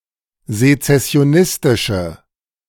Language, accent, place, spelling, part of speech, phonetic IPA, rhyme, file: German, Germany, Berlin, sezessionistische, adjective, [zet͡sɛsi̯oˈnɪstɪʃə], -ɪstɪʃə, De-sezessionistische.ogg
- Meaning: inflection of sezessionistisch: 1. strong/mixed nominative/accusative feminine singular 2. strong nominative/accusative plural 3. weak nominative all-gender singular